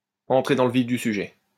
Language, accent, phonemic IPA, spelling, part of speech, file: French, France, /ɑ̃.tʁe dɑ̃ l(ə) vif dy sy.ʒɛ/, entrer dans le vif du sujet, verb, LL-Q150 (fra)-entrer dans le vif du sujet.wav
- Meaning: to get to the crux of the matter, to get to the heart of the matter, to cut to the chase